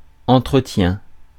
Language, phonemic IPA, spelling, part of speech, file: French, /ɑ̃.tʁə.tjɛ̃/, entretien, noun, Fr-entretien.ogg
- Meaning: 1. upkeep (maintenance) 2. welfare, well-being 3. interview (dialogue)